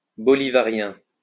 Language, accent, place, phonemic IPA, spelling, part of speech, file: French, France, Lyon, /bɔ.li.va.ʁjɛ̃/, bolivarien, adjective, LL-Q150 (fra)-bolivarien.wav
- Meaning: Bolivarian